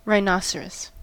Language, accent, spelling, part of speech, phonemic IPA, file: English, US, rhinoceros, noun, /ɹaɪˈnɑ.sə.ɹəs/, En-us-rhinoceros.ogg
- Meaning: Any large herbivorous ungulate mammal native to Africa and Asia of the family Rhinocerotidae, with thick, gray skin and one or two horns on their snouts